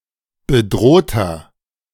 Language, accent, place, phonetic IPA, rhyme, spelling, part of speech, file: German, Germany, Berlin, [bəˈdʁoːtɐ], -oːtɐ, bedrohter, adjective, De-bedrohter.ogg
- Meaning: inflection of bedroht: 1. strong/mixed nominative masculine singular 2. strong genitive/dative feminine singular 3. strong genitive plural